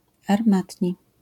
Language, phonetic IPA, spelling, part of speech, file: Polish, [arˈmatʲɲi], armatni, adjective, LL-Q809 (pol)-armatni.wav